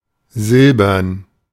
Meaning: silver-colored
- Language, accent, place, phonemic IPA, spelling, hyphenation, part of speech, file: German, Germany, Berlin, /ˈzɪl.bɐn/, silbern, sil‧bern, adjective, De-silbern.ogg